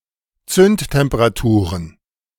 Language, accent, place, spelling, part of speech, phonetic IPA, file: German, Germany, Berlin, Zündtemperaturen, noun, [ˈt͡sʏnttɛmpəʁaˌtuːʁən], De-Zündtemperaturen.ogg
- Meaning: plural of Zündtemperatur